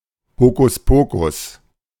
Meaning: hocus-pocus
- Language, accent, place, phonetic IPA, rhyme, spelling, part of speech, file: German, Germany, Berlin, [ˌhoːkʊsˈpoːkʊs], -oːkʊs, Hokuspokus, noun, De-Hokuspokus.ogg